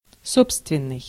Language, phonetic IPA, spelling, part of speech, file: Russian, [ˈsopstvʲɪn(ː)ɨj], собственный, adjective, Ru-собственный.ogg
- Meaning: 1. one's own, peculiar, proper 2. eigen-